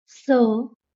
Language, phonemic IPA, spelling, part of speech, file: Marathi, /sə/, स, character, LL-Q1571 (mar)-स.wav
- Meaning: The thirty-first consonant in Marathi